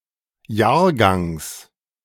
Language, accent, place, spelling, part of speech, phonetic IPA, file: German, Germany, Berlin, Jahrgangs, noun, [ˈjaːɐ̯ˌɡaŋs], De-Jahrgangs.ogg
- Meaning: genitive singular of Jahrgang